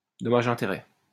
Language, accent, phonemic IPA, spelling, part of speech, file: French, France, /dɔ.ma.ʒɛ̃.te.ʁɛ/, dommages-intérêts, noun, LL-Q150 (fra)-dommages-intérêts.wav
- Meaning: alternative form of dommages et intérêts